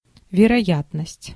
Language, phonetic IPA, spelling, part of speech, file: Russian, [vʲɪrɐˈjatnəsʲtʲ], вероятность, noun, Ru-вероятность.ogg
- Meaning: probability, likelihood